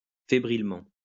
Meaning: 1. feverishly; feverously 2. erratically; chaotically
- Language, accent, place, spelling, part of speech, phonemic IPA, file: French, France, Lyon, fébrilement, adverb, /fe.bʁil.mɑ̃/, LL-Q150 (fra)-fébrilement.wav